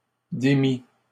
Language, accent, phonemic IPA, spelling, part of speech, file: French, Canada, /de.mi/, démît, verb, LL-Q150 (fra)-démît.wav
- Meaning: third-person singular imperfect subjunctive of démettre